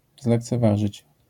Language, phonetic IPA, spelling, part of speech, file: Polish, [ˌzlɛkt͡sɛˈvaʒɨt͡ɕ], zlekceważyć, verb, LL-Q809 (pol)-zlekceważyć.wav